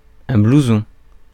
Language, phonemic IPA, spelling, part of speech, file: French, /blu.zɔ̃/, blouson, noun, Fr-blouson.ogg
- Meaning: blouson